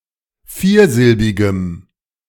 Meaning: strong dative masculine/neuter singular of viersilbig
- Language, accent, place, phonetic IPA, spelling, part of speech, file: German, Germany, Berlin, [ˈfiːɐ̯ˌzɪlbɪɡəm], viersilbigem, adjective, De-viersilbigem.ogg